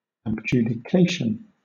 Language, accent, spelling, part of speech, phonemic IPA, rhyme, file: English, Southern England, abjudication, noun, /əbˌd͡ʒuː.dɪˈkeɪ.ʃən/, -eɪʃən, LL-Q1860 (eng)-abjudication.wav
- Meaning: Rejection or confiscation by judicial sentence